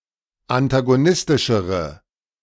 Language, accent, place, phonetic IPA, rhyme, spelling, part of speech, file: German, Germany, Berlin, [antaɡoˈnɪstɪʃəʁə], -ɪstɪʃəʁə, antagonistischere, adjective, De-antagonistischere.ogg
- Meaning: inflection of antagonistisch: 1. strong/mixed nominative/accusative feminine singular comparative degree 2. strong nominative/accusative plural comparative degree